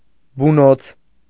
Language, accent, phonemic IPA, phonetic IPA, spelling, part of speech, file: Armenian, Eastern Armenian, /buˈnot͡sʰ/, [bunót͡sʰ], բունոց, noun, Hy-բունոց.ogg
- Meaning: vulva